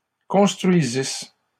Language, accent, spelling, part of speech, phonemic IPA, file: French, Canada, construisissent, verb, /kɔ̃s.tʁɥi.zis/, LL-Q150 (fra)-construisissent.wav
- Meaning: third-person plural imperfect subjunctive of construire